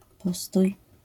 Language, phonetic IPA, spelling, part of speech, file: Polish, [ˈpɔstuj], postój, noun / verb, LL-Q809 (pol)-postój.wav